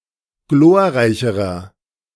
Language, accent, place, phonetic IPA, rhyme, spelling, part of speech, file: German, Germany, Berlin, [ˈɡloːɐ̯ˌʁaɪ̯çəʁɐ], -oːɐ̯ʁaɪ̯çəʁɐ, glorreicherer, adjective, De-glorreicherer.ogg
- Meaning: inflection of glorreich: 1. strong/mixed nominative masculine singular comparative degree 2. strong genitive/dative feminine singular comparative degree 3. strong genitive plural comparative degree